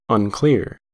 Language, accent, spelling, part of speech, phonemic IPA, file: English, US, unclear, adjective / verb, /ʌnˈklɪɚ/, En-us-unclear.ogg
- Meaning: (adjective) 1. Ambiguous; liable to more than one interpretation 2. Not clearly or explicitly defined 3. Not easy to see or read; indecipherable or unreadable 4. Not having a clear idea; uncertain